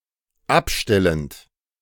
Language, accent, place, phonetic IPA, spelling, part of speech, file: German, Germany, Berlin, [ˈapˌʃtɛlənt], abstellend, verb, De-abstellend.ogg
- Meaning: present participle of abstellen